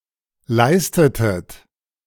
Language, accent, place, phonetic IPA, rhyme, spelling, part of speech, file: German, Germany, Berlin, [ˈlaɪ̯stətət], -aɪ̯stətət, leistetet, verb, De-leistetet.ogg
- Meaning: inflection of leisten: 1. second-person plural preterite 2. second-person plural subjunctive II